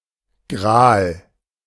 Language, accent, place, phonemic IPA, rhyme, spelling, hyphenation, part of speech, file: German, Germany, Berlin, /ɡʁaːl/, -aːl, Gral, Gral, noun / proper noun, De-Gral.ogg
- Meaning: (noun) grail (holy, miraculous object, especially a cup); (proper noun) clipping of Heiliger Gral (“Holy Grail”)